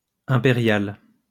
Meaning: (adjective) feminine singular of impérial; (noun) upper deck (of bus etc.)
- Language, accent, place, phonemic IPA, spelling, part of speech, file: French, France, Lyon, /ɛ̃.pe.ʁjal/, impériale, adjective / noun, LL-Q150 (fra)-impériale.wav